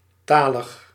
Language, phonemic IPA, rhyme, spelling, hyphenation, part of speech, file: Dutch, /ˈtaː.ləx/, -aːləx, talig, ta‧lig, adjective, Nl-talig.ogg
- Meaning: 1. pertaining to language 2. proficient in language